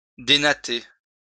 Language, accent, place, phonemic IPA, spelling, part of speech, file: French, France, Lyon, /de.na.te/, dénatter, verb, LL-Q150 (fra)-dénatter.wav
- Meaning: to disentangle; to remove knots